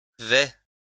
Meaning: 1. first-person singular present indicative of aller 2. first-person singular present indicative of vader
- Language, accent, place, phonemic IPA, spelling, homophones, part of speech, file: French, France, Lyon, /vɛ/, vais, vêt / vêts, verb, LL-Q150 (fra)-vais.wav